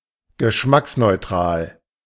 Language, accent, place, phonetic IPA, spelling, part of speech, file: German, Germany, Berlin, [ɡəˈʃmaksnɔɪ̯ˌtʁaːl], geschmacksneutral, adjective, De-geschmacksneutral.ogg
- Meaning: tasteless (having a neutral taste)